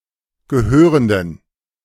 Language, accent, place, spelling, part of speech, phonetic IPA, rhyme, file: German, Germany, Berlin, gehörenden, adjective, [ɡəˈhøːʁəndn̩], -øːʁəndn̩, De-gehörenden.ogg
- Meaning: inflection of gehörend: 1. strong genitive masculine/neuter singular 2. weak/mixed genitive/dative all-gender singular 3. strong/weak/mixed accusative masculine singular 4. strong dative plural